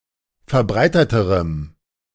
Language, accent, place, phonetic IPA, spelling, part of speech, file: German, Germany, Berlin, [fɛɐ̯ˈbʁaɪ̯tətəʁəm], verbreiteterem, adjective, De-verbreiteterem.ogg
- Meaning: strong dative masculine/neuter singular comparative degree of verbreitet